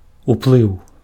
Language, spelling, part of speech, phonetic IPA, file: Belarusian, уплыў, noun, [upˈɫɨu̯], Be-уплыў.ogg
- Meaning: influence, effect, impact